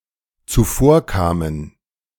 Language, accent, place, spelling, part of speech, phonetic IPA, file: German, Germany, Berlin, zuvorkamen, verb, [t͡suˈfoːɐ̯ˌkaːmən], De-zuvorkamen.ogg
- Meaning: first/third-person plural dependent preterite of zuvorkommen